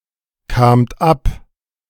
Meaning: second-person plural preterite of abkommen
- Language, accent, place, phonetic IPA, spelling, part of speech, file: German, Germany, Berlin, [ˌkaːmt ˈap], kamt ab, verb, De-kamt ab.ogg